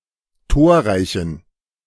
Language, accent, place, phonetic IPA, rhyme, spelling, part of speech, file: German, Germany, Berlin, [ˈtoːɐ̯ˌʁaɪ̯çn̩], -oːɐ̯ʁaɪ̯çn̩, torreichen, adjective, De-torreichen.ogg
- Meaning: inflection of torreich: 1. strong genitive masculine/neuter singular 2. weak/mixed genitive/dative all-gender singular 3. strong/weak/mixed accusative masculine singular 4. strong dative plural